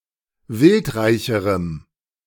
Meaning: strong dative masculine/neuter singular comparative degree of wildreich
- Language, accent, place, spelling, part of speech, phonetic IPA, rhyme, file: German, Germany, Berlin, wildreicherem, adjective, [ˈvɪltˌʁaɪ̯çəʁəm], -ɪltʁaɪ̯çəʁəm, De-wildreicherem.ogg